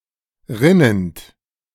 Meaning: present participle of rinnen
- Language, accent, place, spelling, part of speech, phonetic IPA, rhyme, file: German, Germany, Berlin, rinnend, verb, [ˈʁɪnənt], -ɪnənt, De-rinnend.ogg